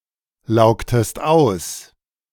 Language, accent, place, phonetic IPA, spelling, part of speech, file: German, Germany, Berlin, [ˌlaʊ̯ktəst ˈaʊ̯s], laugtest aus, verb, De-laugtest aus.ogg
- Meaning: inflection of auslaugen: 1. second-person singular preterite 2. second-person singular subjunctive II